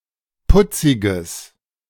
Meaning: strong/mixed nominative/accusative neuter singular of putzig
- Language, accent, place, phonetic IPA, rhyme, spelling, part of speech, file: German, Germany, Berlin, [ˈpʊt͡sɪɡəs], -ʊt͡sɪɡəs, putziges, adjective, De-putziges.ogg